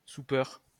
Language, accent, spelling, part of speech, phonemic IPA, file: French, France, soupeur, noun, /su.pœʁ/, LL-Q150 (fra)-soupeur.wav
- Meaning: 1. diner (person who dines) 2. person who eats bread soaked in urine from public toilets, to gratify a sexual fetish